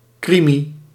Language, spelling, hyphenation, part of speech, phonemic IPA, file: Dutch, krimi, kri‧mi, noun, /ˈkri.mi/, Nl-krimi.ogg
- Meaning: a crime fiction or a crime series, specifically a German-language one